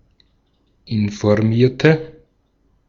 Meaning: inflection of informieren: 1. first/third-person singular preterite 2. first/third-person singular subjunctive II
- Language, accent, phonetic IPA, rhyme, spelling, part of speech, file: German, Austria, [ɪnfɔʁˈmiːɐ̯tə], -iːɐ̯tə, informierte, adjective / verb, De-at-informierte.ogg